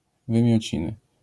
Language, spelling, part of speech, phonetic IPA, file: Polish, wymiociny, noun, [ˌvɨ̃mʲjɔ̇ˈt͡ɕĩnɨ], LL-Q809 (pol)-wymiociny.wav